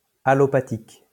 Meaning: allopathic
- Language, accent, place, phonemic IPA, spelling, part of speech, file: French, France, Lyon, /a.lɔ.pa.tik/, allopathique, adjective, LL-Q150 (fra)-allopathique.wav